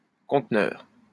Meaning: 1. container (large metal box) 2. container
- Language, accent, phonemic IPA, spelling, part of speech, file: French, France, /kɔ̃t.nœʁ/, conteneur, noun, LL-Q150 (fra)-conteneur.wav